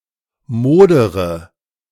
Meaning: inflection of modern: 1. first-person singular present 2. first/third-person singular subjunctive I 3. singular imperative
- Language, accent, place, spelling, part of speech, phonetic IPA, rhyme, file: German, Germany, Berlin, modere, verb, [ˈmoːdəʁə], -oːdəʁə, De-modere.ogg